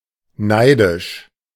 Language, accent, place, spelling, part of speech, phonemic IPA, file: German, Germany, Berlin, neidisch, adjective, /ˈnaɪ̯dɪʃ/, De-neidisch.ogg
- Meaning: envious, jealous